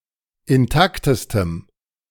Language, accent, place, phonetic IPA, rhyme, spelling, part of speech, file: German, Germany, Berlin, [ɪnˈtaktəstəm], -aktəstəm, intaktestem, adjective, De-intaktestem.ogg
- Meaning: strong dative masculine/neuter singular superlative degree of intakt